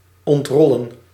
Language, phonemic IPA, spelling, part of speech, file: Dutch, /ˌɔntˈrɔ.lə(n)/, ontrollen, verb, Nl-ontrollen.ogg
- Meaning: to unroll